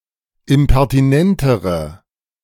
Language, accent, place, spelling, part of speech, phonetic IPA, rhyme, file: German, Germany, Berlin, impertinentere, adjective, [ɪmpɛʁtiˈnɛntəʁə], -ɛntəʁə, De-impertinentere.ogg
- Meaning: inflection of impertinent: 1. strong/mixed nominative/accusative feminine singular comparative degree 2. strong nominative/accusative plural comparative degree